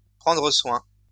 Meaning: 1. to see to, look after, keep in order, manage 2. to take care of, to care for
- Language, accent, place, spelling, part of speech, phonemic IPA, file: French, France, Lyon, prendre soin, verb, /pʁɑ̃.dʁə swɛ̃/, LL-Q150 (fra)-prendre soin.wav